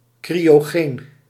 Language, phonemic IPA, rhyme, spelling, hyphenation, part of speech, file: Dutch, /ˌkri.oːˈɣeːn/, -eːn, cryogeen, cryo‧geen, adjective, Nl-cryogeen.ogg
- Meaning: cryogenic